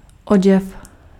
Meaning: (noun) 1. clothing 2. garment; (verb) masculine singular past transgressive of odít
- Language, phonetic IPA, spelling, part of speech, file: Czech, [ˈoɟɛf], oděv, noun / verb, Cs-oděv.ogg